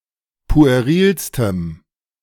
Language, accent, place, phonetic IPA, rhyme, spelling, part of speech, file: German, Germany, Berlin, [pu̯eˈʁiːlstəm], -iːlstəm, puerilstem, adjective, De-puerilstem.ogg
- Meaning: strong dative masculine/neuter singular superlative degree of pueril